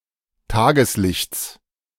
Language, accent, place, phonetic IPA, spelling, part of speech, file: German, Germany, Berlin, [ˈtaːɡəsˌlɪçt͡s], Tageslichts, noun, De-Tageslichts.ogg
- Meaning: genitive singular of Tageslicht